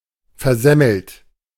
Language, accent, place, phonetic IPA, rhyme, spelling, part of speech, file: German, Germany, Berlin, [fɛɐ̯ˈzɛml̩t], -ɛml̩t, versemmelt, verb, De-versemmelt.ogg
- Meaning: past participle of versemmeln